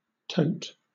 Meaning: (noun) 1. A tote bag 2. A heavy burden 3. A kind of plastic box used for transporting goods 4. The principal handle of a handplane, for gripping the plane; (verb) To carry or bear
- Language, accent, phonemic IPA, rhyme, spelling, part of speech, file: English, Southern England, /təʊt/, -əʊt, tote, noun / verb, LL-Q1860 (eng)-tote.wav